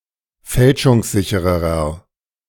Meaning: inflection of fälschungssicher: 1. strong/mixed nominative masculine singular comparative degree 2. strong genitive/dative feminine singular comparative degree
- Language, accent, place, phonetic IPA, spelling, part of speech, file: German, Germany, Berlin, [ˈfɛlʃʊŋsˌzɪçəʁəʁɐ], fälschungssichererer, adjective, De-fälschungssichererer.ogg